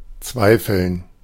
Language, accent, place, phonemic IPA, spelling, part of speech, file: German, Germany, Berlin, /ˈtsvaɪ̯fəln/, zweifeln, verb, De-zweifeln.ogg
- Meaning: to doubt, to be doubtful